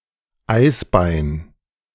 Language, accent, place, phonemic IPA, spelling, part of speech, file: German, Germany, Berlin, /ˈaɪ̯sˌbaɪ̯n/, Eisbein, noun, De-Eisbein2.ogg
- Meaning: pork knuckle